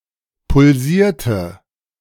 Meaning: inflection of pulsieren: 1. first/third-person singular preterite 2. first/third-person singular subjunctive II
- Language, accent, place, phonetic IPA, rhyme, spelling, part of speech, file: German, Germany, Berlin, [pʊlˈziːɐ̯tə], -iːɐ̯tə, pulsierte, verb, De-pulsierte.ogg